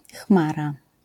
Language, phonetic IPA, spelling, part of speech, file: Polish, [ˈxmara], chmara, noun, LL-Q809 (pol)-chmara.wav